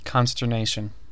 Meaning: Amazement or horror that confounds the faculties, and incapacitates for reflection; terror, combined with amazement; dismay
- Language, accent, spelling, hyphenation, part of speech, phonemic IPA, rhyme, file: English, US, consternation, con‧ster‧na‧tion, noun, /ˌkɑn.s(t)ɚˈneɪ.ʃən/, -eɪʃən, En-us-consternation.ogg